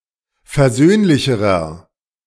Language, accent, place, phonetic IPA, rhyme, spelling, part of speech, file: German, Germany, Berlin, [fɛɐ̯ˈzøːnlɪçəʁɐ], -øːnlɪçəʁɐ, versöhnlicherer, adjective, De-versöhnlicherer.ogg
- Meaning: inflection of versöhnlich: 1. strong/mixed nominative masculine singular comparative degree 2. strong genitive/dative feminine singular comparative degree 3. strong genitive plural comparative degree